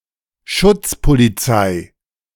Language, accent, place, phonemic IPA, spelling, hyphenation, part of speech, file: German, Germany, Berlin, /ˈʃʊt͡spoliˌt͡saɪ̯/, Schutzpolizei, Schutz‧po‧li‧zei, noun, De-Schutzpolizei.ogg
- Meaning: one of various police branches in the Federal Republic of Germany, Nazi Germany and the Weimar Republic